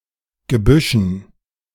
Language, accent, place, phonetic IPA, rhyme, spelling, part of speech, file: German, Germany, Berlin, [ɡəˈbʏʃn̩], -ʏʃn̩, Gebüschen, noun, De-Gebüschen.ogg
- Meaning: dative plural of Gebüsch